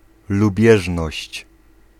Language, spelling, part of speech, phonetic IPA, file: Polish, lubieżność, noun, [luˈbʲjɛʒnɔɕt͡ɕ], Pl-lubieżność.ogg